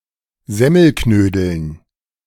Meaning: dative plural of Semmelknödel
- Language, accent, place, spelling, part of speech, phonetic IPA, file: German, Germany, Berlin, Semmelknödeln, noun, [ˈzɛməlknøːdəln], De-Semmelknödeln.ogg